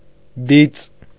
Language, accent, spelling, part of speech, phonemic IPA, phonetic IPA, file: Armenian, Eastern Armenian, բիծ, noun, /bit͡s/, [bit͡s], Hy-բիծ.ogg
- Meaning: stain, blemish